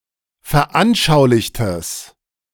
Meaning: strong/mixed nominative/accusative neuter singular of veranschaulicht
- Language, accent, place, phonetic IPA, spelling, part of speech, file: German, Germany, Berlin, [fɛɐ̯ˈʔanʃaʊ̯lɪçtəs], veranschaulichtes, adjective, De-veranschaulichtes.ogg